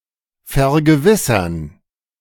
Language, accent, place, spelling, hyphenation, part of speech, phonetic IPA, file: German, Germany, Berlin, vergewissern, ver‧ge‧wis‧sern, verb, [fɛɐ̯ɡəˈvɪsɐn], De-vergewissern.ogg
- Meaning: to make sure (of); to check; to make certain (of)